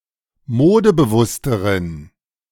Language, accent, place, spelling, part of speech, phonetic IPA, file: German, Germany, Berlin, modebewussteren, adjective, [ˈmoːdəbəˌvʊstəʁən], De-modebewussteren.ogg
- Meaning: inflection of modebewusst: 1. strong genitive masculine/neuter singular comparative degree 2. weak/mixed genitive/dative all-gender singular comparative degree